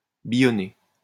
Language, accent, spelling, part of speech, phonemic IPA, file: French, France, billonner, verb, /bi.jɔ.ne/, LL-Q150 (fra)-billonner.wav
- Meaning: 1. to make or circulate counterfeit coinage 2. to ridge (in fields)